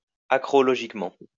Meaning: acrologically
- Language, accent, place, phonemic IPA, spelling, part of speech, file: French, France, Lyon, /a.kʁɔ.lɔ.ʒik.mɑ̃/, acrologiquement, adverb, LL-Q150 (fra)-acrologiquement.wav